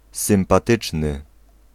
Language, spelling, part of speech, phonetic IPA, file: Polish, sympatyczny, adjective, [ˌsɨ̃mpaˈtɨt͡ʃnɨ], Pl-sympatyczny.ogg